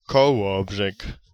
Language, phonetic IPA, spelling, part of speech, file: Polish, [kɔˈwɔbʒɛk], Kołobrzeg, proper noun, Pl-Kołobrzeg.ogg